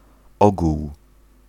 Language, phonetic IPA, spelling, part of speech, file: Polish, [ˈɔɡuw], ogół, noun, Pl-ogół.ogg